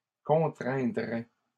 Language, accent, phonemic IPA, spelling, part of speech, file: French, Canada, /kɔ̃.tʁɛ̃.dʁɛ/, contraindraient, verb, LL-Q150 (fra)-contraindraient.wav
- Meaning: third-person plural conditional of contraindre